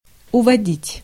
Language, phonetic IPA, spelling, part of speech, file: Russian, [ʊvɐˈdʲitʲ], уводить, verb, Ru-уводить.ogg
- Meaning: 1. to take away, to lead away, to withdraw (troops) 2. to carry off, to lift